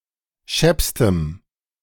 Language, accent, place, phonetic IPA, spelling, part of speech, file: German, Germany, Berlin, [ˈʃɛpstəm], scheppstem, adjective, De-scheppstem.ogg
- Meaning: strong dative masculine/neuter singular superlative degree of schepp